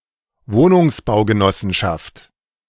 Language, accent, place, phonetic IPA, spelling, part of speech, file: German, Germany, Berlin, [ˈvoːnʊŋsbaʊ̯ɡəˌnɔsn̩ʃaft], Wohnungsbaugenossenschaft, noun, De-Wohnungsbaugenossenschaft.ogg
- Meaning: housing cooperative